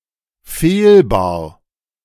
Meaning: 1. fallible 2. guilty (of a crime, transgression, etc.) 3. sickly
- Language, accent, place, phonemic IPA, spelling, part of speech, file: German, Germany, Berlin, /ˈfeːlˌbaːɐ̯/, fehlbar, adjective, De-fehlbar.ogg